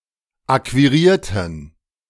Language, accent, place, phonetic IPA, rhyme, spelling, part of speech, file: German, Germany, Berlin, [ˌakviˈʁiːɐ̯tn̩], -iːɐ̯tn̩, akquirierten, adjective / verb, De-akquirierten.ogg
- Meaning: inflection of akquirieren: 1. first/third-person plural preterite 2. first/third-person plural subjunctive II